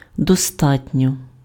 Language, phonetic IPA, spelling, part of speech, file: Ukrainian, [dɔˈstatʲnʲɔ], достатньо, adverb, Uk-достатньо.ogg
- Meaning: 1. enough (+ genitive case when quantifying a noun) 2. enough, sufficiently